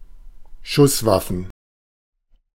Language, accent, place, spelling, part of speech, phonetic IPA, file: German, Germany, Berlin, Schusswaffen, noun, [ˈʃʊsˌvafn̩], De-Schusswaffen.ogg
- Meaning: plural of Schusswaffe